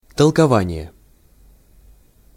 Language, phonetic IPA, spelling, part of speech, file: Russian, [təɫkɐˈvanʲɪje], толкование, noun, Ru-толкование.ogg
- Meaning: interpretation, explanation